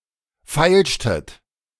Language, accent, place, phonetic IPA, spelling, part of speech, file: German, Germany, Berlin, [ˈfaɪ̯lʃtət], feilschtet, verb, De-feilschtet.ogg
- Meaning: inflection of feilschen: 1. second-person plural preterite 2. second-person plural subjunctive II